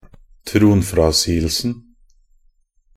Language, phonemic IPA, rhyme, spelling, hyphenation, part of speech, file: Norwegian Bokmål, /tɾuːnfɾɑsiːəlsən/, -ən, tronfrasigelsen, tron‧fra‧sig‧el‧sen, noun, Nb-tronfrasigelsen.ogg
- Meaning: definite singular of tronfrasigelse